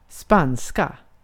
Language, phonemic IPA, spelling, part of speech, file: Swedish, /²spanːska/, spanska, adjective / noun, Sv-spanska.ogg
- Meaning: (adjective) inflection of spansk: 1. definite singular 2. plural; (noun) 1. Spanish (language) 2. a female Spaniard